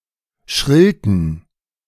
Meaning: inflection of schrillen: 1. first/third-person singular preterite 2. first/third-person singular subjunctive II
- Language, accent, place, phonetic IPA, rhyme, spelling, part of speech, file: German, Germany, Berlin, [ˈʃʁɪltə], -ɪltə, schrillte, verb, De-schrillte.ogg